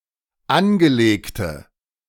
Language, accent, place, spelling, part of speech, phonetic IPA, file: German, Germany, Berlin, angelegte, adjective, [ˈanɡəˌleːktə], De-angelegte.ogg
- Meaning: inflection of angelegt: 1. strong/mixed nominative/accusative feminine singular 2. strong nominative/accusative plural 3. weak nominative all-gender singular